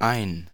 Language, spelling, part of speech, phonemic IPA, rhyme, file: German, ein, numeral / article / adverb / adjective, /aɪ̯n/, -aɪ̯n, De-ein.ogg
- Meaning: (numeral) 1. one 2. the same; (article) 1. a, an 2. nominative/accusative neuter singular of ein 3. misconstruction of einen